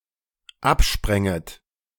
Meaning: second-person plural dependent subjunctive II of abspringen
- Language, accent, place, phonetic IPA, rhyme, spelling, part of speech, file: German, Germany, Berlin, [ˈapˌʃpʁɛŋət], -apʃpʁɛŋət, abspränget, verb, De-abspränget.ogg